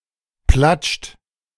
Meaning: inflection of platschen: 1. third-person singular present 2. second-person plural present 3. plural imperative
- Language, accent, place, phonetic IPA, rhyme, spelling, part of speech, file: German, Germany, Berlin, [plat͡ʃt], -at͡ʃt, platscht, verb, De-platscht.ogg